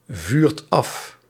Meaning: inflection of afvuren: 1. second/third-person singular present indicative 2. plural imperative
- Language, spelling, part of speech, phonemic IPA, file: Dutch, vuurt af, verb, /ˈvyrt ˈɑf/, Nl-vuurt af.ogg